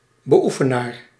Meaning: practitioner
- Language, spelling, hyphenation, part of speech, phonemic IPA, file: Dutch, beoefenaar, be‧oe‧fe‧naar, noun, /bəˈu.fəˌnaːr/, Nl-beoefenaar.ogg